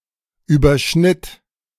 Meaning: first/third-person singular preterite of überschneiden
- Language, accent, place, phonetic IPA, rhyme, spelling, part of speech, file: German, Germany, Berlin, [yːbɐˈʃnɪt], -ɪt, überschnitt, verb, De-überschnitt.ogg